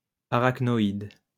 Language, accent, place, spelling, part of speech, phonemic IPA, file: French, France, Lyon, arachnoïde, noun, /a.ʁak.nɔ.id/, LL-Q150 (fra)-arachnoïde.wav
- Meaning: arachnoid mater